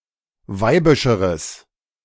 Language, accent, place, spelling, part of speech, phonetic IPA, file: German, Germany, Berlin, weibischeres, adjective, [ˈvaɪ̯bɪʃəʁəs], De-weibischeres.ogg
- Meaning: strong/mixed nominative/accusative neuter singular comparative degree of weibisch